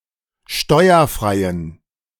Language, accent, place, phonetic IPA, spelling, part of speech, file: German, Germany, Berlin, [ˈʃtɔɪ̯ɐˌfʁaɪ̯ən], steuerfreien, adjective, De-steuerfreien.ogg
- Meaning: inflection of steuerfrei: 1. strong genitive masculine/neuter singular 2. weak/mixed genitive/dative all-gender singular 3. strong/weak/mixed accusative masculine singular 4. strong dative plural